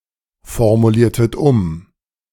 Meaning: inflection of umformulieren: 1. second-person plural preterite 2. second-person plural subjunctive II
- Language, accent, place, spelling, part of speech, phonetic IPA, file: German, Germany, Berlin, formuliertet um, verb, [fɔʁmuˌliːɐ̯tət ˈʊm], De-formuliertet um.ogg